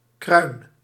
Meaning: scalp, crest, crown
- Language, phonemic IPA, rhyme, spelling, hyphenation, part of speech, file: Dutch, /krœy̯n/, -œy̯n, kruin, kruin, noun, Nl-kruin.ogg